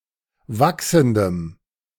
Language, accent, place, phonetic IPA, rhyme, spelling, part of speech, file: German, Germany, Berlin, [ˈvaksn̩dəm], -aksn̩dəm, wachsendem, adjective, De-wachsendem.ogg
- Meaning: strong dative masculine/neuter singular of wachsend